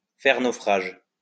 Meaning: to go down, to be shipwrecked
- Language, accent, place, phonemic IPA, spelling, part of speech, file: French, France, Lyon, /fɛʁ no.fʁaʒ/, faire naufrage, verb, LL-Q150 (fra)-faire naufrage.wav